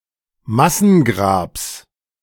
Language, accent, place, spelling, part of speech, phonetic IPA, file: German, Germany, Berlin, Massengrabs, noun, [ˈmasn̩ˌɡʁaːps], De-Massengrabs.ogg
- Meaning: genitive singular of Massengrab